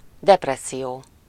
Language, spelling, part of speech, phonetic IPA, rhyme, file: Hungarian, depresszió, noun, [ˈdɛprɛsːijoː], -joː, Hu-depresszió.ogg
- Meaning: depression (state of mind producing serious long-term lowering of enjoyment)